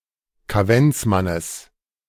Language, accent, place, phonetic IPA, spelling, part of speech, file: German, Germany, Berlin, [kaˈvɛnt͡sˌmanəs], Kaventsmannes, noun, De-Kaventsmannes.ogg
- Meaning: genitive singular of Kaventsmann